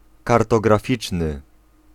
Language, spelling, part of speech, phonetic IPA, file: Polish, kartograficzny, adjective, [ˌkartɔɡraˈfʲit͡ʃnɨ], Pl-kartograficzny.ogg